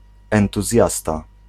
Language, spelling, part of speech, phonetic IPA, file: Polish, entuzjasta, noun, [ˌɛ̃ntuˈzʲjasta], Pl-entuzjasta.ogg